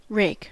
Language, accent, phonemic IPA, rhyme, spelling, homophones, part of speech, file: English, General American, /ɹeɪk/, -eɪk, rake, raik, noun / verb, En-us-rake.ogg